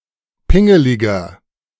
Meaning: 1. comparative degree of pingelig 2. inflection of pingelig: strong/mixed nominative masculine singular 3. inflection of pingelig: strong genitive/dative feminine singular
- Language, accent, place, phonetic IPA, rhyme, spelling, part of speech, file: German, Germany, Berlin, [ˈpɪŋəlɪɡɐ], -ɪŋəlɪɡɐ, pingeliger, adjective, De-pingeliger.ogg